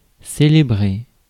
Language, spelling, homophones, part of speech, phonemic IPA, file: French, célébrer, célébrai / célébré / célébrée / célébrées / célébrés / célébrez, verb, /se.le.bʁe/, Fr-célébrer.ogg
- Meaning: 1. to celebrate 2. to observe (a holiday, event, etc.) 3. to perform, to officiate at 4. to worship